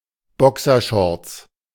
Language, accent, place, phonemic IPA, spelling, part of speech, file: German, Germany, Berlin, /ˈbɔksərˌʃɔrts/, Boxershorts, noun, De-Boxershorts.ogg
- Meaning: boxer shorts (men's underwear)